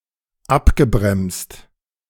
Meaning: past participle of abbremsen - slowed down, decelerated
- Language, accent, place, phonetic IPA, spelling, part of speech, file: German, Germany, Berlin, [ˈapɡəˌbʁɛmst], abgebremst, verb, De-abgebremst.ogg